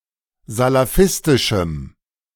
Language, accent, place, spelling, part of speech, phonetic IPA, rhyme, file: German, Germany, Berlin, salafistischem, adjective, [zalaˈfɪstɪʃm̩], -ɪstɪʃm̩, De-salafistischem.ogg
- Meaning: strong dative masculine/neuter singular of salafistisch